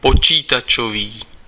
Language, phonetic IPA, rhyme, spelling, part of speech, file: Czech, [ˈpot͡ʃiːtat͡ʃoviː], -oviː, počítačový, adjective, Cs-počítačový.ogg
- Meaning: computer